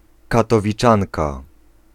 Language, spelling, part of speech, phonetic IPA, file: Polish, katowiczanka, noun, [ˌkatɔvʲiˈt͡ʃãnka], Pl-katowiczanka.ogg